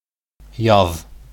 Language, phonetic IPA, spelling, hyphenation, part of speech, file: Bashkir, [jɑð], яҙ, яҙ, noun, Ba-яҙ.ogg
- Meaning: spring (season)